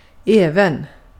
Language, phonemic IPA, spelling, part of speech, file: Swedish, /²ɛːvɛn/, även, adverb, Sv-även.ogg
- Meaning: also